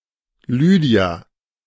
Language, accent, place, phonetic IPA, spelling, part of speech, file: German, Germany, Berlin, [ˈlyːdi̯a], Lydia, proper noun, De-Lydia.ogg
- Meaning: 1. Lydia (biblical character) 2. a female given name